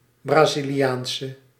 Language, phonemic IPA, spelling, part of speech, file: Dutch, /ˌbraziliˈjaːnsə/, Braziliaanse, noun / adjective, Nl-Braziliaanse.ogg
- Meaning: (adjective) inflection of Braziliaans: 1. masculine/feminine singular attributive 2. definite neuter singular attributive 3. plural attributive; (noun) a Brazilian woman